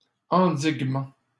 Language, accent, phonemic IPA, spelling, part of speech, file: French, Canada, /ɑ̃.diɡ.mɑ̃/, endiguement, noun, LL-Q150 (fra)-endiguement.wav
- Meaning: containment